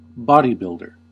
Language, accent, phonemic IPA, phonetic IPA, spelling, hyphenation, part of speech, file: English, US, /ˈbɑ.diˌbɪl.dəɹ/, [ˈbɑː.ɾiˌbɪɫ.ɾɚ], bodybuilder, bo‧dy‧build‧er, noun, En-us-bodybuilder.ogg
- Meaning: 1. A person who uses diet and exercise to build an aesthetically muscular physique, in order to compete in bodybuilding 2. Rare form of body-builder (“one who builds vehicle bodies”)